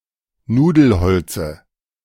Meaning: dative of Nudelholz
- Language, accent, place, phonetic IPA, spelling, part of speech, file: German, Germany, Berlin, [ˈnuːdl̩ˌhɔlt͡sə], Nudelholze, noun, De-Nudelholze.ogg